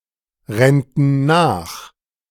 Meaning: first-person plural subjunctive II of nachrennen
- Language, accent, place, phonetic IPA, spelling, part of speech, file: German, Germany, Berlin, [ˌʁɛntn̩ ˈnaːx], rennten nach, verb, De-rennten nach.ogg